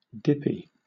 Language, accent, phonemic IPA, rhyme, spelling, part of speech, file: English, Southern England, /ˈdɪpi/, -ɪpi, dippy, adjective, LL-Q1860 (eng)-dippy.wav
- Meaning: 1. Lacking common sense 2. Having romantic feelings for; excited or enthusiastic about 3. Of an egg: cooked so that the yolk remains runny and can be used for dipping 4. Involving or suited to dipping